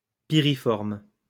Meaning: pyriform
- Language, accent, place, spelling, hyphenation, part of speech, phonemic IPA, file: French, France, Lyon, piriforme, pi‧ri‧forme, adjective, /pi.ʁi.fɔʁm/, LL-Q150 (fra)-piriforme.wav